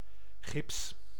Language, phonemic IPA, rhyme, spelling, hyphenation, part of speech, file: Dutch, /ɣɪps/, -ɪps, gips, gips, noun, Nl-gips.ogg
- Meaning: 1. plaster cast 2. gypsum